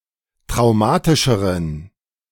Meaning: inflection of traumatisch: 1. strong genitive masculine/neuter singular comparative degree 2. weak/mixed genitive/dative all-gender singular comparative degree
- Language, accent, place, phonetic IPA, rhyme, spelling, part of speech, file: German, Germany, Berlin, [tʁaʊ̯ˈmaːtɪʃəʁən], -aːtɪʃəʁən, traumatischeren, adjective, De-traumatischeren.ogg